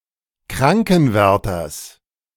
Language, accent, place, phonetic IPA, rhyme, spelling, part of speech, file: German, Germany, Berlin, [ˈkʁaŋkn̩ˌvɛʁtɐs], -aŋkn̩vɛʁtɐs, Krankenwärters, noun, De-Krankenwärters.ogg
- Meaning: genitive singular of Krankenwärter